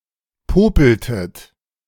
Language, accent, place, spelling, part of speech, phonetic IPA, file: German, Germany, Berlin, popeltet, verb, [ˈpoːpl̩tət], De-popeltet.ogg
- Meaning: inflection of popeln: 1. second-person plural preterite 2. second-person plural subjunctive II